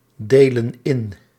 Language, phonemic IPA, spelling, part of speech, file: Dutch, /ˈdelə(n) ˈɪn/, delen in, verb, Nl-delen in.ogg
- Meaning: inflection of indelen: 1. plural present indicative 2. plural present subjunctive